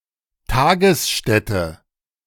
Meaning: day care center (for children, seniors, or handicapped persons)
- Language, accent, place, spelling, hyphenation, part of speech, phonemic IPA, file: German, Germany, Berlin, Tagesstätte, Ta‧ges‧stät‧te, noun, /ˈtaːɡəsˌʃtɛtə/, De-Tagesstätte.ogg